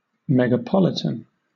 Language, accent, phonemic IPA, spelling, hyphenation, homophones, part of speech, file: English, Southern England, /mɛɡəˈpɒlɪtən/, megapolitan, me‧ga‧pol‧i‧tan, Megapolitan, adjective / noun, LL-Q1860 (eng)-megapolitan.wav
- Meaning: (adjective) Of or pertaining to a megapolis (“a very large city or urban complex”); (noun) 1. Synonym of megapolis 2. An inhabitant of a megapolis